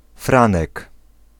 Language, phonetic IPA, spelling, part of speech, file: Polish, [ˈfrãnɛk], Franek, noun, Pl-Franek.ogg